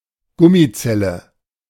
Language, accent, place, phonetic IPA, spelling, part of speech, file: German, Germany, Berlin, [ˈɡʊmiˌt͡sɛlə], Gummizelle, noun, De-Gummizelle.ogg
- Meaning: padded cell, rubber room